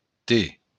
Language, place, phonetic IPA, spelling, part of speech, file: Occitan, Béarn, [te], te, noun / pronoun, LL-Q14185 (oci)-te.wav
- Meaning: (noun) tee (the letter t, T); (pronoun) 1. you (second person singular- direct object) 2. you (second person singular- indirect object)